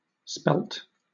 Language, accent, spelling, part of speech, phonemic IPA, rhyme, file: English, Southern England, spelt, verb / noun / adjective, /ˈspɛlt/, -ɛlt, LL-Q1860 (eng)-spelt.wav
- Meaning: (verb) simple past and past participle of spell; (noun) A grain, considered either a subspecies of wheat, Triticum aestivum subsp. spelta, or a separate species Triticum spelta or Triticum dicoccon